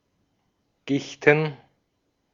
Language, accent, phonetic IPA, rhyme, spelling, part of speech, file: German, Austria, [ˈɡɪçtn̩], -ɪçtn̩, Gichten, noun, De-at-Gichten.ogg
- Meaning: plural of Gicht